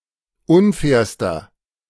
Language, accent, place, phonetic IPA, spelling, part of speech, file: German, Germany, Berlin, [ˈʊnˌfɛːɐ̯stɐ], unfairster, adjective, De-unfairster.ogg
- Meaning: inflection of unfair: 1. strong/mixed nominative masculine singular superlative degree 2. strong genitive/dative feminine singular superlative degree 3. strong genitive plural superlative degree